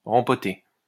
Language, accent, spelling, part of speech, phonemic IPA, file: French, France, rempoter, verb, /ʁɑ̃.pɔ.te/, LL-Q150 (fra)-rempoter.wav
- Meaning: to repot